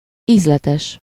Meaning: tasty, delicious, savory, flavorsome, palatable
- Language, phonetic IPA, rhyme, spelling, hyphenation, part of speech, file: Hungarian, [ˈiːzlɛtɛʃ], -ɛʃ, ízletes, íz‧le‧tes, adjective, Hu-ízletes.ogg